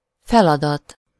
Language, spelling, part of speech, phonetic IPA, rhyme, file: Hungarian, feladat, noun / verb, [ˈfɛlɒdɒt], -ɒt, Hu-feladat.ogg
- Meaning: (noun) 1. task (a piece of work done as part of one’s duties) 2. assignment, problem, exercise (schoolwork)